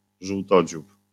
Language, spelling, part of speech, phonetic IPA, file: Polish, żółtodziób, noun, [ʒuwˈtɔd͡ʑup], LL-Q809 (pol)-żółtodziób.wav